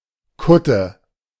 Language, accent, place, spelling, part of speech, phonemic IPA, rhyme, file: German, Germany, Berlin, Kutte, noun, /ˈkʊtə/, -ʊtə, De-Kutte.ogg
- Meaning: 1. habit (a long piece of clothing worn by monks and nuns) 2. a jeans or leather jacket covered with band patches